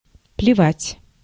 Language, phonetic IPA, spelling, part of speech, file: Russian, [plʲɪˈvatʲ], плевать, verb, Ru-плевать.ogg
- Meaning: 1. to spit 2. to spit upon, to not care for